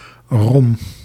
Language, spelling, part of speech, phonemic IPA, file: Dutch, Rom, noun, /rom/, Nl-Rom.ogg
- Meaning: Rom (member of the Roma people), Romani